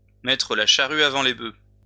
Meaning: to put the cart before the horse (to put things in the wrong order or with the wrong priorities; to put something inconsequential as more important than something more essential)
- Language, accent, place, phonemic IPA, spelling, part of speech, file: French, France, Lyon, /mɛ.tʁə la ʃa.ʁy a.vɑ̃ le bø/, mettre la charrue avant les bœufs, verb, LL-Q150 (fra)-mettre la charrue avant les bœufs.wav